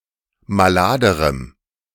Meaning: strong dative masculine/neuter singular comparative degree of malad
- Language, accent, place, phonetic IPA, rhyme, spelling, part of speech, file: German, Germany, Berlin, [maˈlaːdəʁəm], -aːdəʁəm, maladerem, adjective, De-maladerem.ogg